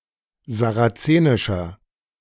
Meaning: inflection of sarazenisch: 1. strong/mixed nominative masculine singular 2. strong genitive/dative feminine singular 3. strong genitive plural
- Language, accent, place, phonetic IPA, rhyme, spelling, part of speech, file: German, Germany, Berlin, [zaʁaˈt͡seːnɪʃɐ], -eːnɪʃɐ, sarazenischer, adjective, De-sarazenischer.ogg